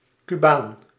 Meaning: Cuban (inhabitant or national of Cuba, or one of Cuban descent)
- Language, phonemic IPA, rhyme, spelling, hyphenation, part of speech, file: Dutch, /kyˈbaːn/, -aːn, Cubaan, Cu‧baan, noun, Nl-Cubaan.ogg